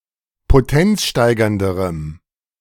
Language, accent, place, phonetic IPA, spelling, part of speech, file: German, Germany, Berlin, [poˈtɛnt͡sˌʃtaɪ̯ɡɐndəʁəm], potenzsteigernderem, adjective, De-potenzsteigernderem.ogg
- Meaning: strong dative masculine/neuter singular comparative degree of potenzsteigernd